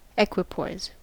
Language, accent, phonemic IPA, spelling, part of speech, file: English, US, /ˈɛkwɪpɔɪz/, equipoise, noun / verb, En-us-equipoise.ogg
- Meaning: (noun) 1. A state of balance; equilibrium 2. A counterbalance; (verb) 1. To act or make to act as an equipoise 2. To cause to be or stay in equipoise